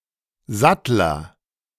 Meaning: saddler, saddlemaker: a craftsperson who makes saddles and other leather goods, typically of larger size
- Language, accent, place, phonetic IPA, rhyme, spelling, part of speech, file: German, Germany, Berlin, [ˈzatlɐ], -atlɐ, Sattler, noun / proper noun, De-Sattler.ogg